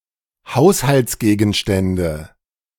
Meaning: nominative/accusative/genitive plural of Haushaltsgegenstand
- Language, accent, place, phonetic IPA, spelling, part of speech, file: German, Germany, Berlin, [ˈhaʊ̯shalt͡sˌɡeːɡn̩ʃtɛndə], Haushaltsgegenstände, noun, De-Haushaltsgegenstände.ogg